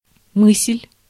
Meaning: 1. thought 2. idea
- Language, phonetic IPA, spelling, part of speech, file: Russian, [mɨs⁽ʲ⁾lʲ], мысль, noun, Ru-мысль.ogg